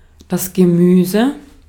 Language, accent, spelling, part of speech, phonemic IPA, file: German, Austria, Gemüse, noun, /ɡəˈmyːzə/, De-at-Gemüse.ogg
- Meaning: 1. vegetable; vegetables (kinds of plants) 2. a seasoned vegetable-based side dish, such as a relish (not necessarily pickled and not usually in the form of a paste)